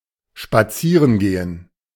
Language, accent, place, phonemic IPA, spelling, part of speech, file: German, Germany, Berlin, /ʃpaˈtsiːʁən ɡeːn/, spazieren gehen, verb, De-spazieren gehen.ogg
- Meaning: to go for a walk, to stroll, to take a stroll